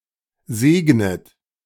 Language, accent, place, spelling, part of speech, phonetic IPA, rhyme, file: German, Germany, Berlin, segnet, verb, [ˈzeːɡnət], -eːɡnət, De-segnet.ogg
- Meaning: inflection of segnen: 1. third-person singular present 2. second-person plural present 3. second-person plural subjunctive I 4. plural imperative